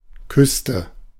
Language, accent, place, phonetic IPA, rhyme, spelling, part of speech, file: German, Germany, Berlin, [ˈkʏstə], -ʏstə, küsste, verb, De-küsste.ogg
- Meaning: inflection of küssen: 1. first/third-person singular preterite 2. first/third-person singular subjunctive II